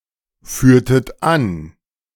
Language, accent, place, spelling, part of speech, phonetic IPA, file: German, Germany, Berlin, führtet an, verb, [ˌfyːɐ̯tət ˈan], De-führtet an.ogg
- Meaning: inflection of anführen: 1. second-person plural preterite 2. second-person plural subjunctive II